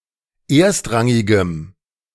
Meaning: strong dative masculine/neuter singular of erstrangig
- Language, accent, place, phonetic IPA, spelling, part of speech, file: German, Germany, Berlin, [ˈeːɐ̯stˌʁaŋɪɡəm], erstrangigem, adjective, De-erstrangigem.ogg